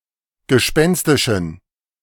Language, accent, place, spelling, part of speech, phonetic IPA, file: German, Germany, Berlin, gespenstischen, adjective, [ɡəˈʃpɛnstɪʃn̩], De-gespenstischen.ogg
- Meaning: inflection of gespenstisch: 1. strong genitive masculine/neuter singular 2. weak/mixed genitive/dative all-gender singular 3. strong/weak/mixed accusative masculine singular 4. strong dative plural